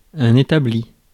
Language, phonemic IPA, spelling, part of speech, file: French, /e.ta.bli/, établi, adjective / verb / noun, Fr-établi.ogg
- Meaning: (adjective) established; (verb) past participle of établir; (noun) workbench